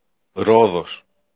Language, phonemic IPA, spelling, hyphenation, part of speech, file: Greek, /ˈɾoðos/, Ρόδος, Ρό‧δος, proper noun, El-Ρόδος.ogg
- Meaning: 1. Rhodes (an island of the Aegean Sea) 2. Rhodes (a city in Greece)